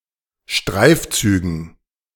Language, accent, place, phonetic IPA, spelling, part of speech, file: German, Germany, Berlin, [ˈʃtʁaɪ̯fˌt͡syːɡn̩], Streifzügen, noun, De-Streifzügen.ogg
- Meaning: dative plural of Streifzug